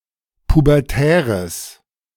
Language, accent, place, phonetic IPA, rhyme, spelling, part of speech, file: German, Germany, Berlin, [pubɛʁˈtɛːʁəs], -ɛːʁəs, pubertäres, adjective, De-pubertäres.ogg
- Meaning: strong/mixed nominative/accusative neuter singular of pubertär